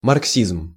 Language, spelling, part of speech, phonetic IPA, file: Russian, марксизм, noun, [mɐrkˈsʲizm], Ru-марксизм.ogg
- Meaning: Marxism